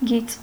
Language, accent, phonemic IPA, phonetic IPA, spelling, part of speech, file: Armenian, Eastern Armenian, /ɡit͡s/, [ɡit͡s], գիծ, noun, Hy-գիծ.ogg
- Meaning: line